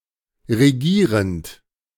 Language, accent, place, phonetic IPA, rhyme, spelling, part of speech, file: German, Germany, Berlin, [ʁeˈɡiːʁənt], -iːʁənt, regierend, verb, De-regierend.ogg
- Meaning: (verb) present participle of regieren; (adjective) governing, reigning, ruling